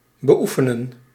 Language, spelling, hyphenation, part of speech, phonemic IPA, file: Dutch, beoefenen, be‧oe‧fe‧nen, verb, /bəˈufənə(n)/, Nl-beoefenen.ogg
- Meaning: to practice regularly, ongoing: some sport, craft, skill, or profession